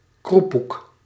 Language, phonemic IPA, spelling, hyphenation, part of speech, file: Dutch, /ˈkru.puk/, kroepoek, kroe‧poek, noun, Nl-kroepoek.ogg
- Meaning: prawn crackers, or any other deep-fried crackers from Indonesian (Javanese) cuisine